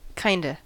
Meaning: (adverb) Kind of; somewhat; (contraction) Contraction of kind + of; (interjection) Yes in some respects but no in other respects
- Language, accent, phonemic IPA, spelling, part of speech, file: English, US, /ˈkaɪndə/, kinda, adverb / contraction / interjection, En-us-kinda.ogg